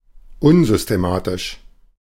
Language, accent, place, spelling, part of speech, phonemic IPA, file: German, Germany, Berlin, unsystematisch, adjective, /ˈʊnzʏsteˌmaːtɪʃ/, De-unsystematisch.ogg
- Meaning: unsystematic, disorganized